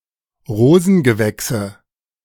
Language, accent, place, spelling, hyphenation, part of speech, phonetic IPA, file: German, Germany, Berlin, Rosengewächse, Ro‧sen‧ge‧wäch‧se, noun, [ˈʁoːzn̩ɡəˌvɛksə], De-Rosengewächse.ogg
- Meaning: nominative/accusative/genitive plural of Rosengewächs